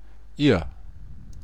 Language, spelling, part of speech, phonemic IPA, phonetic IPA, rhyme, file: German, ihr, pronoun, /iːr/, [iːɐ̯], -iːɐ̯, DE-ihr.ogg
- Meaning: you, ye (plural, familiar)